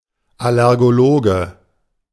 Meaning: allergist (male or of unspecified gender)
- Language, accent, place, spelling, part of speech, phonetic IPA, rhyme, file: German, Germany, Berlin, Allergologe, noun, [alɛʁɡoˈloːɡə], -oːɡə, De-Allergologe.ogg